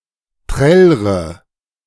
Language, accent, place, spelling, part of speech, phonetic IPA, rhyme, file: German, Germany, Berlin, trällre, verb, [ˈtʁɛlʁə], -ɛlʁə, De-trällre.ogg
- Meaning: inflection of trällern: 1. first-person singular present 2. first/third-person singular subjunctive I 3. singular imperative